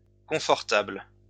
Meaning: plural of confortable
- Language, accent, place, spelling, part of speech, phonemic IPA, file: French, France, Lyon, confortables, adjective, /kɔ̃.fɔʁ.tabl/, LL-Q150 (fra)-confortables.wav